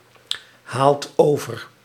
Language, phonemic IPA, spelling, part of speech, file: Dutch, /ˈhalt ˈovər/, haalt over, verb, Nl-haalt over.ogg
- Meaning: inflection of overhalen: 1. second/third-person singular present indicative 2. plural imperative